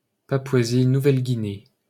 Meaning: Papua New Guinea (a country in Oceania)
- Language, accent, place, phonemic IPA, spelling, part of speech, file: French, France, Paris, /pa.pwa.zi.nu.vɛl.ɡi.ne/, Papouasie-Nouvelle-Guinée, proper noun, LL-Q150 (fra)-Papouasie-Nouvelle-Guinée.wav